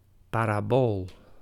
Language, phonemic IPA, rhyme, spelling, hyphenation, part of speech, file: Dutch, /ˌpaːraːˈboːl/, -oːl, parabool, pa‧ra‧bool, noun, Nl-parabool.ogg
- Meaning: 1. parabola (a conic section) 2. understatement